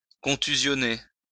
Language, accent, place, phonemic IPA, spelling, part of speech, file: French, France, Lyon, /kɔ̃.ty.zjɔ.ne/, contusionner, verb, LL-Q150 (fra)-contusionner.wav
- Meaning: to bruise